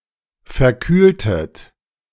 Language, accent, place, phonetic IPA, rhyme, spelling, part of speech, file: German, Germany, Berlin, [fɛɐ̯ˈkyːltət], -yːltət, verkühltet, verb, De-verkühltet.ogg
- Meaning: inflection of verkühlen: 1. second-person plural preterite 2. second-person plural subjunctive II